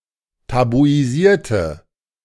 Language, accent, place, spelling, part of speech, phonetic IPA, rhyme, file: German, Germany, Berlin, tabuisierte, adjective / verb, [tabuiˈziːɐ̯tə], -iːɐ̯tə, De-tabuisierte.ogg
- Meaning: inflection of tabuisieren: 1. first/third-person singular preterite 2. first/third-person singular subjunctive II